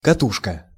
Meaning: 1. spool, reel, bobbin 2. coil, bobbin 3. roll
- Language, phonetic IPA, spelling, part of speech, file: Russian, [kɐˈtuʂkə], катушка, noun, Ru-катушка.ogg